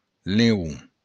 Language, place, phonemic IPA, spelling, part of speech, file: Occitan, Béarn, /leˈu/, leon, noun, LL-Q14185 (oci)-leon.wav
- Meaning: lion